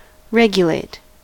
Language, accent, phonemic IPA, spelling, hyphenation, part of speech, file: English, US, /ˈɹɛɡ.jə.leɪt/, regulate, re‧gu‧late, verb, En-us-regulate.ogg
- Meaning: 1. To dictate policy 2. To control or direct according to rule, principle, or law 3. To adjust (a mechanism) for accurate and proper functioning 4. To put or maintain in order